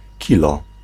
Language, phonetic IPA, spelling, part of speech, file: Polish, [ˈcilɔ], kilo, noun, Pl-kilo.ogg